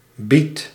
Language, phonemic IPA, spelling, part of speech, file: Dutch, /bit/, bied, verb, Nl-bied.ogg
- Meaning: inflection of bieden: 1. first-person singular present indicative 2. second-person singular present indicative 3. imperative